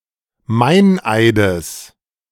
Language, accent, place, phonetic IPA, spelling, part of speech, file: German, Germany, Berlin, [ˈmaɪ̯nˌʔaɪ̯dəs], Meineides, noun, De-Meineides.ogg
- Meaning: genitive singular of Meineid